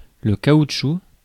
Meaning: 1. rubber (natural and synthetic) 2. plastic 3. a rubber tree, hevea (Hevea brasiliensis) 4. a rubber fig, a tropical tree often used ornamentally (Ficus elastica) 5. a raincoat
- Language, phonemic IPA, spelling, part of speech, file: French, /ka.ut.ʃu/, caoutchouc, noun, Fr-caoutchouc.ogg